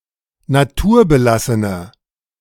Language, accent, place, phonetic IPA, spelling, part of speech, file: German, Germany, Berlin, [naˈtuːɐ̯bəˌlasənə], naturbelassene, adjective, De-naturbelassene.ogg
- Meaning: inflection of naturbelassen: 1. strong/mixed nominative/accusative feminine singular 2. strong nominative/accusative plural 3. weak nominative all-gender singular